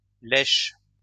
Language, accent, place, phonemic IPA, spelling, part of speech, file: French, France, Lyon, /lɛʃ/, laîche, noun, LL-Q150 (fra)-laîche.wav
- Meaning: sedge (any plant of the genus Carex)